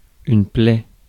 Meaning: 1. open wound 2. scourge
- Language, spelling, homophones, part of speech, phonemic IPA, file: French, plaie, plaid, noun, /plɛ/, Fr-plaie.ogg